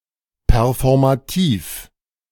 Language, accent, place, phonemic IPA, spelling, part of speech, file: German, Germany, Berlin, /pɛʁfɔʁmaˈtiːf/, performativ, adjective, De-performativ.ogg
- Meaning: performative